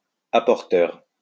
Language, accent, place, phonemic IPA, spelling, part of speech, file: French, France, Lyon, /a.pɔʁ.tœʁ/, apporteur, adjective, LL-Q150 (fra)-apporteur.wav
- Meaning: supporting (financially)